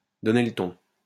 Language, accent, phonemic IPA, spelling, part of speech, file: French, France, /dɔ.ne l(ə) tɔ̃/, donner le ton, verb, LL-Q150 (fra)-donner le ton.wav
- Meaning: to set the tone, to set the pace